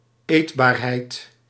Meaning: edibility
- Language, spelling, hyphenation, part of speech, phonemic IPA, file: Dutch, eetbaarheid, eet‧baar‧heid, noun, /ˈeːt.baːrˌɦɛi̯t/, Nl-eetbaarheid.ogg